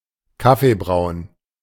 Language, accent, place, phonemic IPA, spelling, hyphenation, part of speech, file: German, Germany, Berlin, /ˈkafebʁaʊ̯n/, kaffeebraun, kaf‧fee‧braun, adjective, De-kaffeebraun.ogg
- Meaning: coffee-coloured